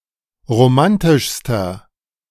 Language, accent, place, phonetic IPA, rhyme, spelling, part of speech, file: German, Germany, Berlin, [ʁoˈmantɪʃstɐ], -antɪʃstɐ, romantischster, adjective, De-romantischster.ogg
- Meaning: inflection of romantisch: 1. strong/mixed nominative masculine singular superlative degree 2. strong genitive/dative feminine singular superlative degree 3. strong genitive plural superlative degree